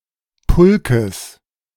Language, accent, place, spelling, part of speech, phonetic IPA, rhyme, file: German, Germany, Berlin, Pulkes, noun, [ˈpʊlkəs], -ʊlkəs, De-Pulkes.ogg
- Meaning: genitive of Pulk